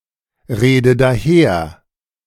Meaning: inflection of daherreden: 1. first-person singular present 2. first/third-person singular subjunctive I 3. singular imperative
- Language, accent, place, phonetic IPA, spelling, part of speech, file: German, Germany, Berlin, [ˌʁeːdə daˈheːɐ̯], rede daher, verb, De-rede daher.ogg